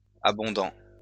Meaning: masculine plural of abondant
- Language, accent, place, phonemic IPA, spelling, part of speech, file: French, France, Lyon, /a.bɔ̃.dɑ̃/, abondants, adjective, LL-Q150 (fra)-abondants.wav